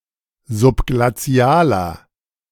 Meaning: inflection of subglazial: 1. strong/mixed nominative masculine singular 2. strong genitive/dative feminine singular 3. strong genitive plural
- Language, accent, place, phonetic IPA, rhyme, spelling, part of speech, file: German, Germany, Berlin, [zʊpɡlaˈt͡si̯aːlɐ], -aːlɐ, subglazialer, adjective, De-subglazialer.ogg